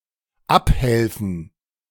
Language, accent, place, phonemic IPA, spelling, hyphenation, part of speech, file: German, Germany, Berlin, /ˈapˌhɛlfn̩/, abhelfen, ab‧hel‧fen, verb, De-abhelfen.ogg
- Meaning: 1. to remedy, to respond to 2. to help down